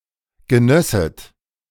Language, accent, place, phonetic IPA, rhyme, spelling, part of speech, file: German, Germany, Berlin, [ɡəˈnœsət], -œsət, genösset, verb, De-genösset.ogg
- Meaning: second-person plural subjunctive II of genießen